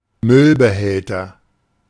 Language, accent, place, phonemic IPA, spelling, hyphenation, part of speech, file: German, Germany, Berlin, /ˈmʏlbəˌhɛltɐ/, Müllbehälter, Müll‧be‧häl‧ter, noun, De-Müllbehälter.ogg
- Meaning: garbage can